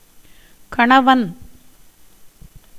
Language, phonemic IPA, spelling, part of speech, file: Tamil, /kɐɳɐʋɐn/, கணவன், noun, Ta-கணவன்.ogg
- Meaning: husband